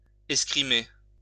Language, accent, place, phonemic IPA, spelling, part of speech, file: French, France, Lyon, /ɛs.kʁi.me/, escrimer, verb, LL-Q150 (fra)-escrimer.wav
- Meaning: 1. to fence, to do fencing (sport) 2. to apply oneself, to exert oneself